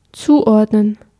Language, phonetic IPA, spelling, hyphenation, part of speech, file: German, [ˈt͡suːˌʔɔʁdnən], zuordnen, zu‧ord‧nen, verb, De-zuordnen.ogg
- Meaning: 1. to categorize, to classify 2. to assign, to allocate